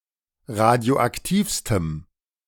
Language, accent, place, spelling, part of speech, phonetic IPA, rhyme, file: German, Germany, Berlin, radioaktivstem, adjective, [ˌʁadi̯oʔakˈtiːfstəm], -iːfstəm, De-radioaktivstem.ogg
- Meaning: strong dative masculine/neuter singular superlative degree of radioaktiv